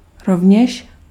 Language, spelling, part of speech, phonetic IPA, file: Czech, rovněž, adverb, [ˈrovɲɛʃ], Cs-rovněž.ogg
- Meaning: as well